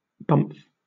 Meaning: 1. Useless papers; now especially official documents, standardized forms, sales and marketing print material, etc 2. Toilet paper
- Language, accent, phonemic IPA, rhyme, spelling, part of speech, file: English, Southern England, /bʌmf/, -ʌmf, bumf, noun, LL-Q1860 (eng)-bumf.wav